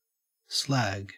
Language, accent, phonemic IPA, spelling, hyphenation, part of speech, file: English, Australia, /ˈslæ(ː)ɡ/, slag, slag, noun / verb, En-au-slag.ogg
- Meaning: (noun) 1. Waste material from a mine 2. Scum that forms on the surface of molten metal 3. Impurities formed and separated out when a metal is smelted from ore; vitrified cinders